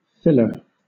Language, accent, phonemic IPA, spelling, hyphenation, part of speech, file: English, Southern England, /ˈfɪləː/, filler, fil‧ler, noun, LL-Q1860 (eng)-filler.wav
- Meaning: 1. One who fills 2. Something added to fill a space or add weight or size 3. Any semisolid substance used to fill gaps, cracks or pores